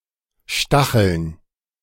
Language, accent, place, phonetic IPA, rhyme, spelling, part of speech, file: German, Germany, Berlin, [ˈʃtaxl̩n], -axl̩n, Stacheln, noun, De-Stacheln.ogg
- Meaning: plural of Stachel